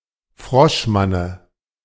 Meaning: dative singular of Froschmann
- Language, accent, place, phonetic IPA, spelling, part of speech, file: German, Germany, Berlin, [ˈfʁɔʃˌmanə], Froschmanne, noun, De-Froschmanne.ogg